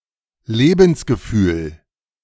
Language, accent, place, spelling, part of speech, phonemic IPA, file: German, Germany, Berlin, Lebensgefühl, noun, /ˈleːbn̩s.ɡəˌfyːl/, De-Lebensgefühl.ogg
- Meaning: sense of life (conscious feeling of participating in real life)